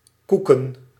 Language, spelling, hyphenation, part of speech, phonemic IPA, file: Dutch, koeken, koe‧ken, noun / verb, /ˈku.kə(n)/, Nl-koeken.ogg
- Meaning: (noun) 1. plural of koek 2. diamonds 3. a playing card of the diamonds suit; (verb) chewing on one's own teeth (especially after having taken drugs)